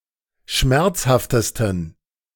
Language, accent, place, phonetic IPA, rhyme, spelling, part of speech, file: German, Germany, Berlin, [ˈʃmɛʁt͡shaftəstn̩], -ɛʁt͡shaftəstn̩, schmerzhaftesten, adjective, De-schmerzhaftesten.ogg
- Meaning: 1. superlative degree of schmerzhaft 2. inflection of schmerzhaft: strong genitive masculine/neuter singular superlative degree